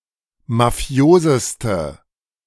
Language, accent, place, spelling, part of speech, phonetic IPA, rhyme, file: German, Germany, Berlin, mafioseste, adjective, [maˈfi̯oːzəstə], -oːzəstə, De-mafioseste.ogg
- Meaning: inflection of mafios: 1. strong/mixed nominative/accusative feminine singular superlative degree 2. strong nominative/accusative plural superlative degree